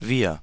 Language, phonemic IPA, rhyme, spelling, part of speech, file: German, /viːɐ̯/, -iːɐ̯, wir, pronoun, De-wir.ogg
- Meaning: we